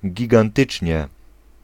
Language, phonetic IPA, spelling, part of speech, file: Polish, [ˌɟiɡãnˈtɨt͡ʃʲɲɛ], gigantycznie, adverb, Pl-gigantycznie.ogg